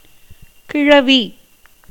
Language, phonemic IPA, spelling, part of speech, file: Tamil, /kɪɻɐʋiː/, கிழவி, noun, Ta-கிழவி.ogg
- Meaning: 1. old lady, grandmother 2. old female